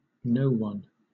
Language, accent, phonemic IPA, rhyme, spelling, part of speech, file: English, Southern England, /ˈnəʊwʌn/, -əʊwʌn, noone, pronoun, LL-Q1860 (eng)-noone.wav
- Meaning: Nonstandard spelling of no one